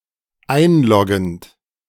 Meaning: present participle of einloggen
- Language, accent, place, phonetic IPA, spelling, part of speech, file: German, Germany, Berlin, [ˈaɪ̯nˌlɔɡn̩t], einloggend, verb, De-einloggend.ogg